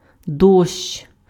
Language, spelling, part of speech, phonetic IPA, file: Ukrainian, дощ, noun, [dɔʃt͡ʃ], Uk-дощ.ogg
- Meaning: rain